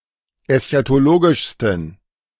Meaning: 1. superlative degree of eschatologisch 2. inflection of eschatologisch: strong genitive masculine/neuter singular superlative degree
- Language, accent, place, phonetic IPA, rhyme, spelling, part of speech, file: German, Germany, Berlin, [ɛsçatoˈloːɡɪʃstn̩], -oːɡɪʃstn̩, eschatologischsten, adjective, De-eschatologischsten.ogg